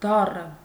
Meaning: alternative form of դառն (daṙn), used before consonants
- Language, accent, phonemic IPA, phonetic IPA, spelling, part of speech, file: Armenian, Eastern Armenian, /ˈdɑrə/, [dɑ́rə], դառը, adjective, Hy-դառը.ogg